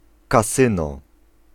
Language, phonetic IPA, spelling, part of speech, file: Polish, [kaˈsɨ̃nɔ], kasyno, noun, Pl-kasyno.ogg